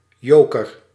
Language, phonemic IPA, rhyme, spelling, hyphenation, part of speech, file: Dutch, /ˈjoːkər/, -oːkər, joker, jo‧ker, noun / verb, Nl-joker.ogg
- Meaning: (noun) 1. joker (playing card) 2. any wild card or similar, even in non-card games; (verb) inflection of jokeren: first-person singular present indicative